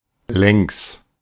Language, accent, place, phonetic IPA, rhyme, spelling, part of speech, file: German, Germany, Berlin, [lɛŋs], -ɛŋs, längs, adverb / preposition, De-längs.ogg
- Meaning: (adverb) 1. lengthwise; lengthways 2. along (by or to some place); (preposition) along (by the length; in a line with the length)